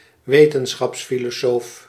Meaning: a philosopher of science
- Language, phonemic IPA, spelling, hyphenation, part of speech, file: Dutch, /ˈʋeː.tə(n).sxɑps.fi.loːˌsoːf/, wetenschapsfilosoof, we‧ten‧schaps‧fi‧lo‧soof, noun, Nl-wetenschapsfilosoof.ogg